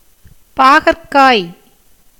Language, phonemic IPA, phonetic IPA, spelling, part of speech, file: Tamil, /pɑːɡɐrkɑːj/, [päːɡɐrkäːj], பாகற்காய், noun, Ta-பாகற்காய்.ogg
- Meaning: bitter gourd, bitter melon, karela, Momordica charantia